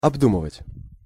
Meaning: to consider, to think over, to weigh
- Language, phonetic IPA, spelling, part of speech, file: Russian, [ɐbˈdumɨvətʲ], обдумывать, verb, Ru-обдумывать.ogg